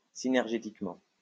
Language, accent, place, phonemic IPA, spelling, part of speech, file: French, France, Lyon, /si.nɛʁ.ʒe.tik.mɑ̃/, synergétiquement, adverb, LL-Q150 (fra)-synergétiquement.wav
- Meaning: synergetically